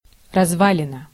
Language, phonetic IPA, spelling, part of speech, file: Russian, [rɐzˈvalʲɪnə], развалина, noun, Ru-развалина.ogg
- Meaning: ruins, ruin (construction withered by time)